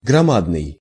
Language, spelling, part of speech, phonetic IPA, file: Russian, громадный, adjective, [ɡrɐˈmadnɨj], Ru-громадный.ogg
- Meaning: huge, colossal, enormous, immense